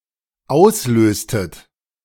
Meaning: inflection of auslösen: 1. second-person plural dependent preterite 2. second-person plural dependent subjunctive II
- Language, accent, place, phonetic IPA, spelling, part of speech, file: German, Germany, Berlin, [ˈaʊ̯sˌløːstət], auslöstet, verb, De-auslöstet.ogg